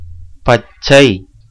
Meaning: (adjective) 1. green 2. young, tender, unripe 3. fresh (as of fruits, a wound, etc) 4. cool, unboiled (of water) 5. raw, uncooked or half cooked (as food), unseasoned, dry or tanned (as timber), etc
- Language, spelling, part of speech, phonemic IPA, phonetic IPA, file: Tamil, பச்சை, adjective / noun, /pɐtʃtʃɐɪ̯/, [pɐssɐɪ̯], Ta-பச்சை.ogg